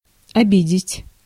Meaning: to offend, to hurt someone's feelings, to abuse, to insult
- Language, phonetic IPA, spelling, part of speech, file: Russian, [ɐˈbʲidʲɪtʲ], обидеть, verb, Ru-обидеть.ogg